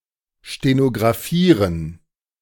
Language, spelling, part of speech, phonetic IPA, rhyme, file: German, stenographieren, verb, [ʃtenoɡʁaˈfiːʁən], -iːʁən, De-stenographieren.ogg